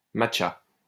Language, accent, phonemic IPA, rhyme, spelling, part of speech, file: French, France, /mat.ʃa/, -a, matcha, noun, LL-Q150 (fra)-matcha.wav
- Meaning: matcha (powdered green tea for ceremonies)